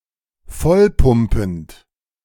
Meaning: present participle of vollpumpen
- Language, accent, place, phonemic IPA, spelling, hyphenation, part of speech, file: German, Germany, Berlin, /ˈfɔlˌpʊmpənt/, vollpumpend, voll‧pum‧pend, verb, De-vollpumpend.ogg